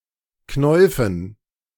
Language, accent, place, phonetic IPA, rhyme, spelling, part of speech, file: German, Germany, Berlin, [ˈknɔɪ̯fn̩], -ɔɪ̯fn̩, Knäufen, noun, De-Knäufen.ogg
- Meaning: dative plural of Knauf